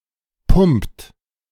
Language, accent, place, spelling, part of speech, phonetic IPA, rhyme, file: German, Germany, Berlin, pumpt, verb, [pʊmpt], -ʊmpt, De-pumpt.ogg
- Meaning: inflection of pumpen: 1. third-person singular present 2. second-person plural present 3. plural imperative